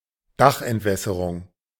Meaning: roof drainage
- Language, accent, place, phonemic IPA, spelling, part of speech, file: German, Germany, Berlin, /ˈdaχʔɛntˌvɛsəʁʊŋ/, Dachentwässerung, noun, De-Dachentwässerung.ogg